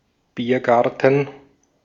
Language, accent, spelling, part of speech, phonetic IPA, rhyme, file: German, Austria, Biergarten, noun, [ˈbiːɐ̯ˌɡaʁtn̩], -iːɐ̯ɡaʁtn̩, De-at-Biergarten.ogg
- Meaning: beer garden